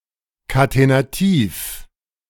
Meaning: catenative
- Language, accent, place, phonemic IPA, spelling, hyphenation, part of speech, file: German, Germany, Berlin, /katenaˈtiːf/, katenativ, ka‧te‧na‧tiv, adjective, De-katenativ.ogg